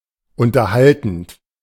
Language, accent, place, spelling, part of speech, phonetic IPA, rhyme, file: German, Germany, Berlin, unterhaltend, verb, [ˌʊntɐˈhaltn̩t], -altn̩t, De-unterhaltend.ogg
- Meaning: present participle of unterhalten